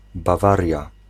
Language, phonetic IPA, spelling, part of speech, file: Polish, [baˈvarʲja], Bawaria, proper noun, Pl-Bawaria.ogg